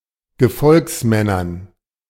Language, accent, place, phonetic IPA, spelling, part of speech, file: German, Germany, Berlin, [ɡəˈfɔlksˌmɛnɐn], Gefolgsmännern, noun, De-Gefolgsmännern.ogg
- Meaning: dative plural of Gefolgsmann